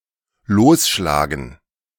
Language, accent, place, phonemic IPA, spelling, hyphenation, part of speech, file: German, Germany, Berlin, /ˈloːsˌʃlaːɡn̩/, losschlagen, los‧schla‧gen, verb, De-losschlagen.ogg
- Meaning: 1. to knock loose 2. to strike 3. to attack